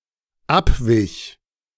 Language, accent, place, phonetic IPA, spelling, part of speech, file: German, Germany, Berlin, [ˈapvɪç], abwich, verb, De-abwich.ogg
- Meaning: first/third-person singular dependent preterite of abweichen